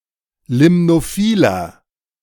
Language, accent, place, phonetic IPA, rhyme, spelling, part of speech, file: German, Germany, Berlin, [ˌlɪmnoˈfiːlɐ], -iːlɐ, limnophiler, adjective, De-limnophiler.ogg
- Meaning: inflection of limnophil: 1. strong/mixed nominative masculine singular 2. strong genitive/dative feminine singular 3. strong genitive plural